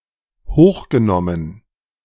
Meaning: past participle of hochnehmen
- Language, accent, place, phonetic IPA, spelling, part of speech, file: German, Germany, Berlin, [ˈhoːxɡəˌnɔmən], hochgenommen, verb, De-hochgenommen.ogg